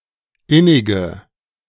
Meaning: inflection of innig: 1. strong/mixed nominative/accusative feminine singular 2. strong nominative/accusative plural 3. weak nominative all-gender singular 4. weak accusative feminine/neuter singular
- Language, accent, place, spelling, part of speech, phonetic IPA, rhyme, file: German, Germany, Berlin, innige, adjective, [ˈɪnɪɡə], -ɪnɪɡə, De-innige.ogg